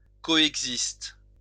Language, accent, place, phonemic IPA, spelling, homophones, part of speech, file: French, France, Lyon, /kɔ.ɛɡ.zist/, coexiste, coexistent / coexistes, verb, LL-Q150 (fra)-coexiste.wav
- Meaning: inflection of coexister: 1. first/third-person singular present indicative/subjunctive 2. second-person singular imperative